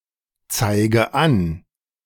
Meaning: inflection of anzeigen: 1. first-person singular present 2. first/third-person singular subjunctive I 3. singular imperative
- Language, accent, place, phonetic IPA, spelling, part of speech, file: German, Germany, Berlin, [ˌt͡saɪ̯ɡə ˈan], zeige an, verb, De-zeige an.ogg